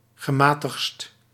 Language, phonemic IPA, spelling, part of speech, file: Dutch, /ɣəˈmaː.təxtst/, gematigdst, adjective, Nl-gematigdst.ogg
- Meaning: superlative degree of gematigd